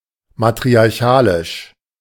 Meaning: matriarchal
- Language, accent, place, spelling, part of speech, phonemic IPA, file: German, Germany, Berlin, matriarchalisch, adjective, /matʁiaʁˈçaːlɪʃ/, De-matriarchalisch.ogg